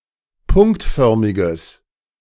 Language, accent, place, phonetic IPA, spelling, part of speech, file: German, Germany, Berlin, [ˈpʊŋktˌfœʁmɪɡəs], punktförmiges, adjective, De-punktförmiges.ogg
- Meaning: strong/mixed nominative/accusative neuter singular of punktförmig